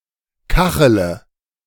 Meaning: inflection of kacheln: 1. first-person singular present 2. first-person plural subjunctive I 3. third-person singular subjunctive I 4. singular imperative
- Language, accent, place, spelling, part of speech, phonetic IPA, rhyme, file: German, Germany, Berlin, kachele, verb, [ˈkaxələ], -axələ, De-kachele.ogg